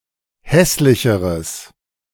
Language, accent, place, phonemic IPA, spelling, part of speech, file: German, Germany, Berlin, /ˈhɛslɪçəʁəs/, hässlicheres, adjective, De-hässlicheres.ogg
- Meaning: strong/mixed nominative/accusative neuter singular comparative degree of hässlich